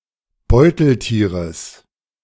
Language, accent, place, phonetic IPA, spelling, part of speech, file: German, Germany, Berlin, [ˈbɔɪ̯tl̩ˌtiːʁəs], Beuteltieres, noun, De-Beuteltieres.ogg
- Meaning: genitive singular of Beuteltier